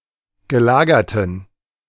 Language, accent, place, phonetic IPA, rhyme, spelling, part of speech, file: German, Germany, Berlin, [ɡəˈlaːɡɐtn̩], -aːɡɐtn̩, gelagerten, adjective, De-gelagerten.ogg
- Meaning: inflection of gelagert: 1. strong genitive masculine/neuter singular 2. weak/mixed genitive/dative all-gender singular 3. strong/weak/mixed accusative masculine singular 4. strong dative plural